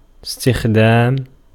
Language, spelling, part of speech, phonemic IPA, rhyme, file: Arabic, استخدام, noun, /is.tix.daːm/, -aːm, Ar-استخدام.ogg
- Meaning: 1. verbal noun of اِسْتَخْدَمَ (istaḵdama) (form X) 2. use, employment 3. making use of or hiring one's services 4. looking out for work or service